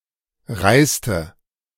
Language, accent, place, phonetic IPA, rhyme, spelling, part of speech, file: German, Germany, Berlin, [ˈʁaɪ̯stə], -aɪ̯stə, reiste, verb, De-reiste.ogg
- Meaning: inflection of reisen: 1. first/third-person singular preterite 2. first/third-person singular subjunctive II